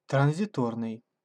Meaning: transient
- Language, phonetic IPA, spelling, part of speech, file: Russian, [trən⁽ʲ⁾zʲɪˈtornɨj], транзиторный, adjective, Ru-транзиторный.ogg